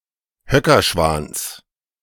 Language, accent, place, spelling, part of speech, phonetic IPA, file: German, Germany, Berlin, Höckerschwans, noun, [ˈhœkɐˌʃvaːns], De-Höckerschwans.ogg
- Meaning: genitive singular of Höckerschwan